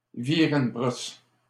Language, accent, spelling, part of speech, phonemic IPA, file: French, Canada, virer une brosse, verb, /vi.ʁe yn bʁɔs/, LL-Q150 (fra)-virer une brosse.wav
- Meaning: to get wasted, drunk, smashed